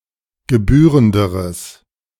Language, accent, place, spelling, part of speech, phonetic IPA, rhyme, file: German, Germany, Berlin, gebührenderes, adjective, [ɡəˈbyːʁəndəʁəs], -yːʁəndəʁəs, De-gebührenderes.ogg
- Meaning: strong/mixed nominative/accusative neuter singular comparative degree of gebührend